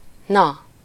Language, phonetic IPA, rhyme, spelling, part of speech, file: Hungarian, [ˈnɒ], -nɒ, na, interjection, Hu-na.ogg
- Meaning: well, so, hey